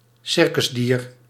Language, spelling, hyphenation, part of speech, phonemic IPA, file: Dutch, circusdier, cir‧cus‧dier, noun, /ˈsɪr.kʏsˌdiːr/, Nl-circusdier.ogg
- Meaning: circus animal